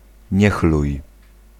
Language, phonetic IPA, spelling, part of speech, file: Polish, [ˈɲɛxluj], niechluj, noun, Pl-niechluj.ogg